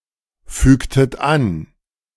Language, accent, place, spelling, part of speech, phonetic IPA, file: German, Germany, Berlin, fügtet an, verb, [ˌfyːktət ˈan], De-fügtet an.ogg
- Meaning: inflection of anfügen: 1. second-person plural preterite 2. second-person plural subjunctive II